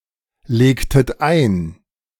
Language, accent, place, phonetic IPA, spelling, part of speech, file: German, Germany, Berlin, [ˌleːktət ˈaɪ̯n], legtet ein, verb, De-legtet ein.ogg
- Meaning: inflection of einlegen: 1. second-person plural preterite 2. second-person plural subjunctive II